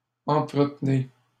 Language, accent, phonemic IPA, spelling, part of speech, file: French, Canada, /ɑ̃.tʁə.t(ə).ne/, entretenez, verb, LL-Q150 (fra)-entretenez.wav
- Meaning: inflection of entretenir: 1. second-person plural present indicative 2. second-person plural imperative